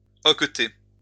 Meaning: to hiccup
- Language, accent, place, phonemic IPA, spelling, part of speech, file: French, France, Lyon, /ɔk.te/, hoqueter, verb, LL-Q150 (fra)-hoqueter.wav